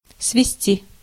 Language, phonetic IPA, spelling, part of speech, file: Russian, [svʲɪˈsʲtʲi], свести, verb, Ru-свести.ogg
- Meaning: 1. to lead, to take (from somewhere) 2. to bring together, to throw together 3. to reduce (to), to bring (to) 4. to remove 5. to trace (a picture)